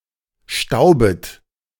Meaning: second-person plural subjunctive I of stauben
- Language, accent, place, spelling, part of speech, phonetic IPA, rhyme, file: German, Germany, Berlin, staubet, verb, [ˈʃtaʊ̯bət], -aʊ̯bət, De-staubet.ogg